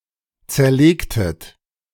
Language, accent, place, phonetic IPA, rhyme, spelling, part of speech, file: German, Germany, Berlin, [ˌt͡sɛɐ̯ˈleːktət], -eːktət, zerlegtet, verb, De-zerlegtet.ogg
- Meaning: inflection of zerlegen: 1. second-person plural preterite 2. second-person plural subjunctive II